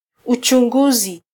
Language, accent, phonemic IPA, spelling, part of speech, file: Swahili, Kenya, /u.tʃuˈᵑɡu.zi/, uchunguzi, noun, Sw-ke-uchunguzi.flac
- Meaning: 1. examination, investigation 2. research